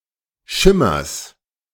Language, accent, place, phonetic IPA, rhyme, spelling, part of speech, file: German, Germany, Berlin, [ˈʃɪmɐs], -ɪmɐs, Schimmers, noun, De-Schimmers.ogg
- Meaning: genitive singular of Schimmer